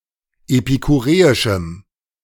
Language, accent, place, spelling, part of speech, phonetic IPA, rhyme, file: German, Germany, Berlin, epikureischem, adjective, [epikuˈʁeːɪʃm̩], -eːɪʃm̩, De-epikureischem.ogg
- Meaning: strong dative masculine/neuter singular of epikureisch